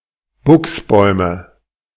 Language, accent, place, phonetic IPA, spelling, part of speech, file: German, Germany, Berlin, [ˈbʊksˌbɔɪ̯mə], Buchsbäume, noun, De-Buchsbäume.ogg
- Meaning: nominative/accusative/genitive plural of Buchsbaum